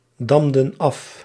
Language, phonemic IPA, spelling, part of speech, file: Dutch, /ˈdɑmdə(n) ˈɑf/, damden af, verb, Nl-damden af.ogg
- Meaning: inflection of afdammen: 1. plural past indicative 2. plural past subjunctive